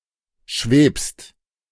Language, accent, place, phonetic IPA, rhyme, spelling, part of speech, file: German, Germany, Berlin, [ʃveːpst], -eːpst, schwebst, verb, De-schwebst.ogg
- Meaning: second-person singular present of schweben